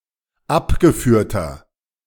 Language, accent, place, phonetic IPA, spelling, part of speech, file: German, Germany, Berlin, [ˈapɡəˌfyːɐ̯tɐ], abgeführter, adjective, De-abgeführter.ogg
- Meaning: inflection of abgeführt: 1. strong/mixed nominative masculine singular 2. strong genitive/dative feminine singular 3. strong genitive plural